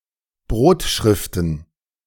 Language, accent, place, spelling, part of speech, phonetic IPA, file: German, Germany, Berlin, Brotschriften, noun, [ˈbʁoːtˌʃʁɪftn̩], De-Brotschriften.ogg
- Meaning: plural of Brotschrift